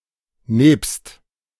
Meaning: besides; with; in addition to; accompanied by
- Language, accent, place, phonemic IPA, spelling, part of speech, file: German, Germany, Berlin, /neːpst/, nebst, preposition, De-nebst.ogg